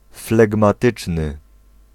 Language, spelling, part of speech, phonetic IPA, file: Polish, flegmatyczny, adjective, [ˌflɛɡmaˈtɨt͡ʃnɨ], Pl-flegmatyczny.ogg